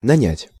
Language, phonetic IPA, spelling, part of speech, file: Russian, [nɐˈnʲætʲ], нанять, verb, Ru-нанять.ogg
- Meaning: 1. to hire, to engage 2. to rent, to lodge